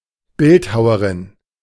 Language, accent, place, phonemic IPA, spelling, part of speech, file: German, Germany, Berlin, /ˈbɪltˌhaʊɐʁɪn/, Bildhauerin, noun, De-Bildhauerin.ogg
- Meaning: sculptor (female)